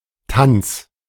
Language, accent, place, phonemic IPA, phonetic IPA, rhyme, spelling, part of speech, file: German, Germany, Berlin, /tan(t)s/, [tant͡s], -ants, Tanz, noun, De-Tanz.ogg
- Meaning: dance